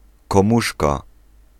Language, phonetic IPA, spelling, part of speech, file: Polish, [kɔ̃ˈmuʃka], komuszka, noun, Pl-komuszka.ogg